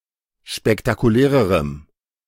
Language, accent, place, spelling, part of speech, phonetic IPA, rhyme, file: German, Germany, Berlin, spektakulärerem, adjective, [ʃpɛktakuˈlɛːʁəʁəm], -ɛːʁəʁəm, De-spektakulärerem.ogg
- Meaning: strong dative masculine/neuter singular comparative degree of spektakulär